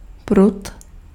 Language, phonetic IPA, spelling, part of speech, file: Czech, [ˈprut], prut, noun, Cs-prut.ogg
- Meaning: rod